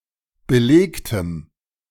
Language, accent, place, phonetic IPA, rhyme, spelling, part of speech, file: German, Germany, Berlin, [bəˈleːktəm], -eːktəm, belegtem, adjective, De-belegtem.ogg
- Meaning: strong dative masculine/neuter singular of belegt